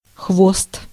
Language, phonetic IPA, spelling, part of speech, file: Russian, [xvost], хвост, noun, Ru-хвост.ogg
- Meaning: 1. tail 2. ponytail 3. line, queue 4. the tail end, the back of the queue, the end, the back 5. something follows behind 6. academic arrears, backlog